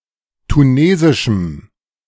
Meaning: strong dative masculine/neuter singular of tunesisch
- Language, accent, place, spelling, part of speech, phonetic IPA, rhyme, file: German, Germany, Berlin, tunesischem, adjective, [tuˈneːzɪʃm̩], -eːzɪʃm̩, De-tunesischem.ogg